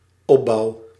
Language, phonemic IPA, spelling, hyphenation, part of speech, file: Dutch, /ˈɔ(p).bɑu̯/, opbouw, op‧bouw, noun / verb, Nl-opbouw.ogg
- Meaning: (noun) 1. structure 2. construction 3. fin, sail (dorsal tower of a submarine); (verb) first-person singular dependent-clause present indicative of opbouwen